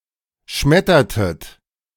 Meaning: inflection of schmettern: 1. second-person plural preterite 2. second-person plural subjunctive II
- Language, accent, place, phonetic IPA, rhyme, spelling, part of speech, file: German, Germany, Berlin, [ˈʃmɛtɐtət], -ɛtɐtət, schmettertet, verb, De-schmettertet.ogg